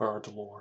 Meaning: The knowledge, science, or study of birds; ornithology
- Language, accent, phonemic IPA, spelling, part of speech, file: English, US, /ˈbɝd.lɔɹ/, birdlore, noun, En-us-birdlore.oga